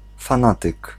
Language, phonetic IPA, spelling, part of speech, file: Polish, [fãˈnatɨk], fanatyk, noun, Pl-fanatyk.ogg